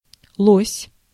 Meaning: moose (U.S., Canada), elk (British) (an animal belonging to the Alces genus)
- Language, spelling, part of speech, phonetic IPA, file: Russian, лось, noun, [ɫosʲ], Ru-лось.ogg